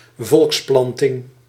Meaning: colony
- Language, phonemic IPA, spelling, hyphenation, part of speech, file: Dutch, /ˈvɔlksˌplɑn.tɪŋ/, volksplanting, volks‧plan‧ting, noun, Nl-volksplanting.ogg